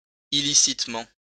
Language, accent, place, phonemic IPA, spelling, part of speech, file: French, France, Lyon, /i.li.sit.mɑ̃/, illicitement, adverb, LL-Q150 (fra)-illicitement.wav
- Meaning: illicitly